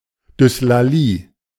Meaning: dyslalia (difficulty in talking due to a structural abnormality)
- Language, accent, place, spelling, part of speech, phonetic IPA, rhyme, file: German, Germany, Berlin, Dyslalie, noun, [dʏslaˈliː], -iː, De-Dyslalie.ogg